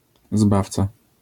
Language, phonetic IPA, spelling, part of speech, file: Polish, [ˈzbaft͡sa], zbawca, noun, LL-Q809 (pol)-zbawca.wav